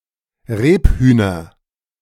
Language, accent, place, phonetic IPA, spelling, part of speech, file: German, Germany, Berlin, [ˈʁeːpˌhyːnɐ], Rebhühner, noun, De-Rebhühner.ogg
- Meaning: nominative/accusative/genitive plural of Rebhuhn